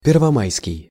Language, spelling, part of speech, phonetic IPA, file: Russian, первомайский, adjective, [pʲɪrvɐˈmajskʲɪj], Ru-первомайский.ogg
- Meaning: May Day